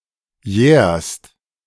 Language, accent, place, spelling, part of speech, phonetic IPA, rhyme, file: German, Germany, Berlin, jährst, verb, [jɛːɐ̯st], -ɛːɐ̯st, De-jährst.ogg
- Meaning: second-person singular present of jähren